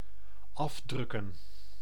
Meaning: 1. to print from a computer printer 2. to print 3. to extort, to rob under threat
- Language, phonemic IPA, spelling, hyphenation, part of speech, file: Dutch, /ˈɑfdrʏkə(n)/, afdrukken, af‧druk‧ken, verb, Nl-afdrukken.ogg